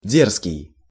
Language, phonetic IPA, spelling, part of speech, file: Russian, [ˈdʲerskʲɪj], дерзкий, adjective, Ru-дерзкий.ogg
- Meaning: 1. brazen, impudent, impertinent, insolent, cheeky, pert 2. bold, daring, audacious